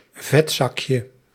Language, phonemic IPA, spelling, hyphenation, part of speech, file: Dutch, /ˈvɛtzɑkjə/, vetzakje, vet‧zak‧je, noun, Nl-vetzakje.ogg
- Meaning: diminutive of vetzak